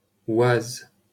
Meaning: Oise (a department of Picardy, Hauts-de-France, France)
- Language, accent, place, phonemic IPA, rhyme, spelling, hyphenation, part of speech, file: French, France, Paris, /waz/, -az, Oise, Oise, proper noun, LL-Q150 (fra)-Oise.wav